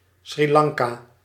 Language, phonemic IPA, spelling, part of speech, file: Dutch, /sri ˈlɑŋ.kaː/, Sri Lanka, proper noun, Nl-Sri Lanka.ogg
- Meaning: Sri Lanka (an island and country in South Asia, off the coast of India)